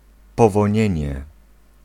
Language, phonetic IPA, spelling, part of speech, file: Polish, [ˌpɔvɔ̃ˈɲɛ̇̃ɲɛ], powonienie, noun, Pl-powonienie.ogg